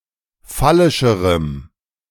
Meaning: strong dative masculine/neuter singular comparative degree of phallisch
- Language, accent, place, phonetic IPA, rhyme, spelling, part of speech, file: German, Germany, Berlin, [ˈfalɪʃəʁəm], -alɪʃəʁəm, phallischerem, adjective, De-phallischerem.ogg